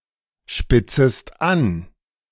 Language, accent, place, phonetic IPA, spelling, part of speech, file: German, Germany, Berlin, [ˌʃpɪt͡səst ˈan], spitzest an, verb, De-spitzest an.ogg
- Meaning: second-person singular subjunctive I of anspitzen